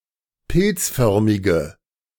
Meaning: inflection of pilzförmig: 1. strong/mixed nominative/accusative feminine singular 2. strong nominative/accusative plural 3. weak nominative all-gender singular
- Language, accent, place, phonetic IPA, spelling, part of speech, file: German, Germany, Berlin, [ˈpɪlt͡sˌfœʁmɪɡə], pilzförmige, adjective, De-pilzförmige.ogg